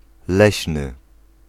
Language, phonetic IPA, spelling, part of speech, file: Polish, [ˈlɛɕnɨ], leśny, adjective / noun, Pl-leśny.ogg